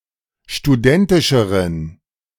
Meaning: inflection of studentisch: 1. strong genitive masculine/neuter singular comparative degree 2. weak/mixed genitive/dative all-gender singular comparative degree
- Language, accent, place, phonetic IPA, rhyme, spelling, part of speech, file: German, Germany, Berlin, [ʃtuˈdɛntɪʃəʁən], -ɛntɪʃəʁən, studentischeren, adjective, De-studentischeren.ogg